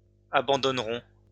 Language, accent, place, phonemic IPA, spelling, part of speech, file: French, France, Lyon, /a.bɑ̃.dɔn.ʁɔ̃/, abandonnerons, verb, LL-Q150 (fra)-abandonnerons.wav
- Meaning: first-person plural future of abandonner